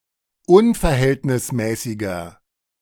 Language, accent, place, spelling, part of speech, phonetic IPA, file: German, Germany, Berlin, unverhältnismäßiger, adjective, [ˈʊnfɛɐ̯ˌhɛltnɪsmɛːsɪɡɐ], De-unverhältnismäßiger.ogg
- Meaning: inflection of unverhältnismäßig: 1. strong/mixed nominative masculine singular 2. strong genitive/dative feminine singular 3. strong genitive plural